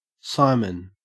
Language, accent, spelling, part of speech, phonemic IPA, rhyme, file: English, Australia, simon, noun, /ˈsaɪmən/, -aɪmən, En-au-simon.ogg
- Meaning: 1. Sixpence coin 2. A US dollar